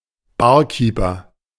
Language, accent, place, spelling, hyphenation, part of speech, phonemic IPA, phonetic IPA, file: German, Germany, Berlin, Barkeeper, Bar‧kee‧per, noun, /ˈbaːʁˌkiːpəʁ/, [ˈbaː(ɐ̯)ˌkiːpɐ], De-Barkeeper.ogg
- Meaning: barman, barkeeper, bartender (one who prepares drinks at a bar; male or of unspecified gender)